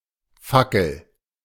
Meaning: torch
- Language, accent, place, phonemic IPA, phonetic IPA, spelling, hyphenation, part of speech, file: German, Germany, Berlin, /ˈfakəl/, [ˈfakl̩], Fackel, Fa‧ckel, noun, De-Fackel.ogg